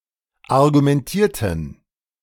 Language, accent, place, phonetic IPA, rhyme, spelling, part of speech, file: German, Germany, Berlin, [aʁɡumɛnˈtiːɐ̯tn̩], -iːɐ̯tn̩, argumentierten, adjective / verb, De-argumentierten.ogg
- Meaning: inflection of argumentieren: 1. first/third-person plural preterite 2. first/third-person plural subjunctive II